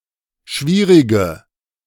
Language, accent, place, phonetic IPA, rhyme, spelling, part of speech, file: German, Germany, Berlin, [ˈʃviːʁɪɡə], -iːʁɪɡə, schwierige, adjective, De-schwierige.ogg
- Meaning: inflection of schwierig: 1. strong/mixed nominative/accusative feminine singular 2. strong nominative/accusative plural 3. weak nominative all-gender singular